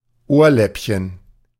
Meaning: ear lobe
- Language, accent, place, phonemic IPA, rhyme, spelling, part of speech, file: German, Germany, Berlin, /ˈoːɐ̯ˌlɛpçən/, -ɛpçən, Ohrläppchen, noun, De-Ohrläppchen.ogg